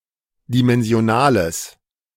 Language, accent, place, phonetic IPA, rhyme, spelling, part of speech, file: German, Germany, Berlin, [dimɛnzi̯oˈnaːləs], -aːləs, dimensionales, adjective, De-dimensionales.ogg
- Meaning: strong/mixed nominative/accusative neuter singular of dimensional